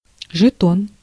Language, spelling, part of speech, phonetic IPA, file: Russian, жетон, noun, [ʐɨˈton], Ru-жетон.ogg
- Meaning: token; coin (e.g. in a casino), chip